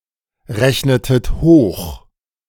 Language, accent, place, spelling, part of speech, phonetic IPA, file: German, Germany, Berlin, rechnetet hoch, verb, [ˌʁɛçnətət ˈhoːx], De-rechnetet hoch.ogg
- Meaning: inflection of hochrechnen: 1. second-person plural preterite 2. second-person plural subjunctive II